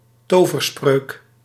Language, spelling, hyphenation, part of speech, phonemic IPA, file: Dutch, toverspreuk, to‧ver‧spreuk, noun, /ˈtoː.vərˌsprøːk/, Nl-toverspreuk.ogg
- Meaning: a magical spell, an incantation, verbal charm